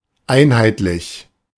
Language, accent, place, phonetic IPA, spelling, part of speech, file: German, Germany, Berlin, [ˈʔaɪnhaɪtlɪç], einheitlich, adjective, De-einheitlich.ogg
- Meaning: uniform, unified